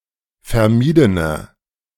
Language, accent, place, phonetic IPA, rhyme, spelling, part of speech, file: German, Germany, Berlin, [fɛɐ̯ˈmiːdənɐ], -iːdənɐ, vermiedener, adjective, De-vermiedener.ogg
- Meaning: inflection of vermieden: 1. strong/mixed nominative masculine singular 2. strong genitive/dative feminine singular 3. strong genitive plural